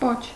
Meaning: 1. tail (of an animal) 2. end, tail 3. handle 4. queue, line 5. pedicle
- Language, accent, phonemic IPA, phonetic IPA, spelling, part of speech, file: Armenian, Eastern Armenian, /pot͡ʃʰ/, [pot͡ʃʰ], պոչ, noun, Hy-պոչ.ogg